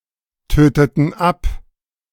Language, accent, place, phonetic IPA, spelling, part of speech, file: German, Germany, Berlin, [ˌtøːtətn̩ ˈap], töteten ab, verb, De-töteten ab.ogg
- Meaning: inflection of abtöten: 1. first/third-person plural preterite 2. first/third-person plural subjunctive II